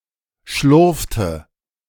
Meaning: inflection of schlurfen: 1. first/third-person singular preterite 2. first/third-person singular subjunctive II
- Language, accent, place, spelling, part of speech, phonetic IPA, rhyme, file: German, Germany, Berlin, schlurfte, verb, [ˈʃlʊʁftə], -ʊʁftə, De-schlurfte.ogg